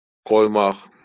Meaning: 1. to put, to place, to set 2. to put on (to don) (mostly with papaq) 3. to put in (stitches) 4. to put on (to play a recording) 5. to let 6. to leave 7. to impose (sanctions, taxes, etc.) 8. to punch
- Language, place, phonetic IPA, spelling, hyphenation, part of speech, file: Azerbaijani, Baku, [ɡojˈmɑχ], qoymaq, qoy‧maq, verb, LL-Q9292 (aze)-qoymaq.wav